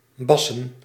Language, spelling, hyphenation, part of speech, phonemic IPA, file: Dutch, bassen, bas‧sen, verb / noun, /ˈbɑsə(n)/, Nl-bassen.ogg
- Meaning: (verb) 1. to bark, like a dog (rarely in the sense of shouting) 2. to produce a somewhat similar sound, notably as result of a cough; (noun) plural of bas